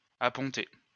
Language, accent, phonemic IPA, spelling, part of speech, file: French, France, /a.pɔ̃.te/, apponter, verb, LL-Q150 (fra)-apponter.wav
- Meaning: to land (on an aircraft carrier)